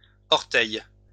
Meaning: plural of orteil
- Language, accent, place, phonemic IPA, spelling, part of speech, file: French, France, Lyon, /ɔʁ.tɛj/, orteils, noun, LL-Q150 (fra)-orteils.wav